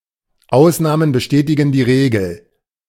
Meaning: the exception proves the rule
- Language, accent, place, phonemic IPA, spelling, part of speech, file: German, Germany, Berlin, /ˈaʊsnaːmən bəˈʃtɛːtɪɡən diː ʁeːɡl̩/, Ausnahmen bestätigen die Regel, phrase, De-Ausnahmen bestätigen die Regel.ogg